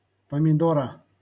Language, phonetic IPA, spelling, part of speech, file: Russian, [pəmʲɪˈdorə], помидора, noun, LL-Q7737 (rus)-помидора.wav
- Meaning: genitive singular of помидо́р (pomidór)